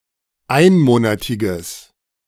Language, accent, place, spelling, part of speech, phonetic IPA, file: German, Germany, Berlin, einmonatiges, adjective, [ˈaɪ̯nˌmoːnatɪɡəs], De-einmonatiges.ogg
- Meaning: strong/mixed nominative/accusative neuter singular of einmonatig